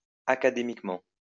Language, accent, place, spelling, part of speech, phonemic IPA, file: French, France, Lyon, académiquement, adverb, /a.ka.de.mik.mɑ̃/, LL-Q150 (fra)-académiquement.wav
- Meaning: academically